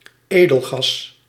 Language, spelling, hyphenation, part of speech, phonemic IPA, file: Dutch, edelgas, edel‧gas, noun, /ˈeː.dəlˌɣɑs/, Nl-edelgas.ogg
- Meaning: noble gas (element of group 18 of the periodic table)